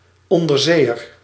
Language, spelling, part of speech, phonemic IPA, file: Dutch, onderzeeër, noun, /ˌɔndərˈzeːər/, Nl-onderzeeër.ogg
- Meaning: submarine (submersible boat)